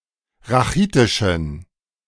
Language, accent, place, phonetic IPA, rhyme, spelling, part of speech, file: German, Germany, Berlin, [ʁaˈxiːtɪʃn̩], -iːtɪʃn̩, rachitischen, adjective, De-rachitischen.ogg
- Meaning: inflection of rachitisch: 1. strong genitive masculine/neuter singular 2. weak/mixed genitive/dative all-gender singular 3. strong/weak/mixed accusative masculine singular 4. strong dative plural